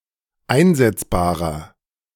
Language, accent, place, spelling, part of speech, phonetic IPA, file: German, Germany, Berlin, einsetzbarer, adjective, [ˈaɪ̯nzɛt͡sbaːʁɐ], De-einsetzbarer.ogg
- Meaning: inflection of einsetzbar: 1. strong/mixed nominative masculine singular 2. strong genitive/dative feminine singular 3. strong genitive plural